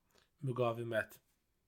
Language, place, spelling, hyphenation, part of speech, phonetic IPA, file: Azerbaijani, Baku, müqavimət, mü‧qa‧vi‧mət, noun, [myɡɑːviˈmæt], Az-az-müqavimət.ogg
- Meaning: resistance, withstanding